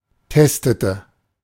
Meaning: inflection of testen: 1. first/third-person singular preterite 2. first/third-person singular subjunctive II
- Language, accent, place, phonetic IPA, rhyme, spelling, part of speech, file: German, Germany, Berlin, [ˈtɛstətə], -ɛstətə, testete, verb, De-testete.ogg